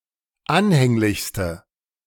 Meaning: inflection of anhänglich: 1. strong/mixed nominative/accusative feminine singular superlative degree 2. strong nominative/accusative plural superlative degree
- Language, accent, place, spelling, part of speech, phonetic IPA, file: German, Germany, Berlin, anhänglichste, adjective, [ˈanhɛŋlɪçstə], De-anhänglichste.ogg